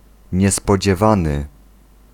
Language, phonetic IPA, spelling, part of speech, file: Polish, [ˌɲɛspɔd͡ʑɛˈvãnɨ], niespodziewany, adjective, Pl-niespodziewany.ogg